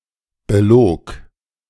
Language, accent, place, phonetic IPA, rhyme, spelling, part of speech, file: German, Germany, Berlin, [bəˈloːk], -oːk, belog, verb, De-belog.ogg
- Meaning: first/third-person singular preterite of belügen